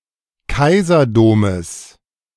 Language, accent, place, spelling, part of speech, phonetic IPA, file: German, Germany, Berlin, Kaiserdomes, noun, [ˈkaɪ̯zɐˌdoːməs], De-Kaiserdomes.ogg
- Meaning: genitive singular of Kaiserdom